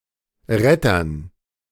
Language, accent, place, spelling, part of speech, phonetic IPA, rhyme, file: German, Germany, Berlin, Rettern, noun, [ˈʁɛtɐn], -ɛtɐn, De-Rettern.ogg
- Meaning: dative plural of Retter